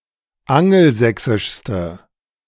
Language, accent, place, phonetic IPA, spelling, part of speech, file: German, Germany, Berlin, [ˈaŋl̩ˌzɛksɪʃstə], angelsächsischste, adjective, De-angelsächsischste.ogg
- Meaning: inflection of angelsächsisch: 1. strong/mixed nominative/accusative feminine singular superlative degree 2. strong nominative/accusative plural superlative degree